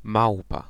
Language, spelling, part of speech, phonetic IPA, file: Polish, małpa, noun, [ˈmawpa], Pl-małpa.ogg